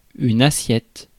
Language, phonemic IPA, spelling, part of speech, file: French, /a.sjɛt/, assiette, noun, Fr-assiette.ogg
- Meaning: 1. manner of being seated, situation 2. seat 3. trim, attitude, pitch attitude 4. basis 5. dish (the food) 6. plate, dish (the crockery) 7. plateful